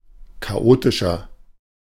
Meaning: 1. comparative degree of chaotisch 2. inflection of chaotisch: strong/mixed nominative masculine singular 3. inflection of chaotisch: strong genitive/dative feminine singular
- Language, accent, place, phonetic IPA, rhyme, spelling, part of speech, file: German, Germany, Berlin, [kaˈʔoːtɪʃɐ], -oːtɪʃɐ, chaotischer, adjective, De-chaotischer.ogg